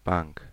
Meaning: 1. bench (which people sit on); pew 2. workbench (which things can be set down on) 3. bank (collection of material in a body of water) 4. substitutes' bench 5. bank (financial institution)
- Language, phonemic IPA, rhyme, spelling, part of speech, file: German, /baŋk/, -aŋk, Bank, noun, De-Bank.ogg